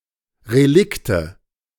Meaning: nominative/accusative/genitive plural of Relikt
- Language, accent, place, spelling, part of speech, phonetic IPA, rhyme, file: German, Germany, Berlin, Relikte, noun, [ʁeˈlɪktə], -ɪktə, De-Relikte.ogg